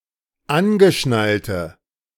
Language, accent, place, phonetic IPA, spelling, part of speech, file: German, Germany, Berlin, [ˈanɡəˌʃnaltə], angeschnallte, adjective, De-angeschnallte.ogg
- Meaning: inflection of angeschnallt: 1. strong/mixed nominative/accusative feminine singular 2. strong nominative/accusative plural 3. weak nominative all-gender singular